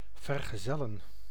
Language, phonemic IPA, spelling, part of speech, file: Dutch, /vər.ɣəˈzɛ.lə(n)/, vergezellen, verb, Nl-vergezellen.ogg
- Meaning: to accompany (attend as a companion)